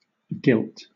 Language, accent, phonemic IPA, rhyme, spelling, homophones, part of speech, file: English, Southern England, /ɡɪlt/, -ɪlt, guilt, gilt / GILT, noun / verb / adjective, LL-Q1860 (eng)-guilt.wav
- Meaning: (noun) 1. Responsibility for wrongdoing 2. The state of having been found guilty or admitted guilt in legal proceedings 3. Regret for having done wrong; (verb) To commit offenses; act criminally